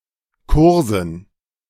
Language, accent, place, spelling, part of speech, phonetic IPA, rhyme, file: German, Germany, Berlin, Kursen, noun, [ˈkʊʁzn̩], -ʊʁzn̩, De-Kursen.ogg
- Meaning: dative plural of Kurs